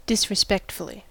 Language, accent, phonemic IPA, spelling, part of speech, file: English, US, /dɪs.ɹɪˈspɛkt.fəl.i/, disrespectfully, adverb, En-us-disrespectfully.ogg
- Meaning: In a disrespectful manner; with a lack of respect